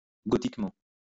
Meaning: Gothically (in a Gothic style or way)
- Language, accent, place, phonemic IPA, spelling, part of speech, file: French, France, Lyon, /ɡɔ.tik.mɑ̃/, gothiquement, adverb, LL-Q150 (fra)-gothiquement.wav